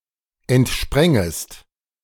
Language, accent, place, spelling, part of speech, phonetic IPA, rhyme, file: German, Germany, Berlin, entsprängest, verb, [ɛntˈʃpʁɛŋəst], -ɛŋəst, De-entsprängest.ogg
- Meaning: second-person singular subjunctive I of entspringen